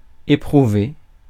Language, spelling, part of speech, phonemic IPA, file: French, éprouver, verb, /e.pʁu.ve/, Fr-éprouver.ogg
- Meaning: 1. to put to the test, test, try 2. to feel, experience 3. to experience, go through